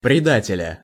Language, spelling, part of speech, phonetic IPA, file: Russian, предателя, noun, [prʲɪˈdatʲɪlʲə], Ru-предателя.ogg
- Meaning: genitive/accusative singular of преда́тель (predátelʹ)